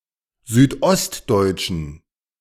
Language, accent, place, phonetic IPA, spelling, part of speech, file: German, Germany, Berlin, [ˌzyːtˈʔɔstdɔɪ̯tʃn̩], südostdeutschen, adjective, De-südostdeutschen.ogg
- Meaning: inflection of südostdeutsch: 1. strong genitive masculine/neuter singular 2. weak/mixed genitive/dative all-gender singular 3. strong/weak/mixed accusative masculine singular 4. strong dative plural